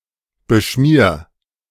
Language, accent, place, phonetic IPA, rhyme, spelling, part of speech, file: German, Germany, Berlin, [bəˈʃmiːɐ̯], -iːɐ̯, beschmier, verb, De-beschmier.ogg
- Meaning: 1. singular imperative of beschmieren 2. first-person singular present of beschmieren